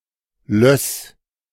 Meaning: loess
- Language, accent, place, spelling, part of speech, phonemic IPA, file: German, Germany, Berlin, Löss, noun, /lœs/, De-Löss.ogg